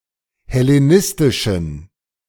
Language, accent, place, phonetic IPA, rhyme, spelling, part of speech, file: German, Germany, Berlin, [hɛleˈnɪstɪʃn̩], -ɪstɪʃn̩, hellenistischen, adjective, De-hellenistischen.ogg
- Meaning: inflection of hellenistisch: 1. strong genitive masculine/neuter singular 2. weak/mixed genitive/dative all-gender singular 3. strong/weak/mixed accusative masculine singular 4. strong dative plural